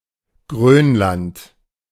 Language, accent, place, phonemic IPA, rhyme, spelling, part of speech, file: German, Germany, Berlin, /ˈɡʁøːnlant/, -ant, Grönland, proper noun, De-Grönland.ogg
- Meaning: Greenland (a large self-governing dependent territory of Denmark, in North America)